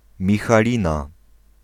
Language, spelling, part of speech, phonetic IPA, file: Polish, Michalina, proper noun, [ˌmʲixaˈlʲĩna], Pl-Michalina.ogg